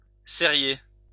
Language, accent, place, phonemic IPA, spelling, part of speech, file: French, France, Lyon, /se.ʁje/, sérier, verb, LL-Q150 (fra)-sérier.wav
- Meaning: to seriate (make into a series)